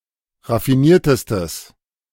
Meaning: strong/mixed nominative/accusative neuter singular superlative degree of raffiniert
- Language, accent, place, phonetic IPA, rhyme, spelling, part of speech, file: German, Germany, Berlin, [ʁafiˈniːɐ̯təstəs], -iːɐ̯təstəs, raffiniertestes, adjective, De-raffiniertestes.ogg